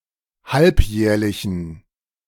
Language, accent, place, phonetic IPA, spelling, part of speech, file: German, Germany, Berlin, [ˈhalpˌjɛːɐ̯lɪçn̩], halbjährlichen, adjective, De-halbjährlichen.ogg
- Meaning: inflection of halbjährlich: 1. strong genitive masculine/neuter singular 2. weak/mixed genitive/dative all-gender singular 3. strong/weak/mixed accusative masculine singular 4. strong dative plural